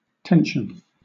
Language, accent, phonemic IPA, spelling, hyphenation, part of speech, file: English, Southern England, /ˈtɛnʃn̩/, tension, ten‧sion, noun / verb, LL-Q1860 (eng)-tension.wav
- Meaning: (noun) 1. The condition of being held in a state between two or more forces, which are acting in opposition to each other 2. A psychological state of being tense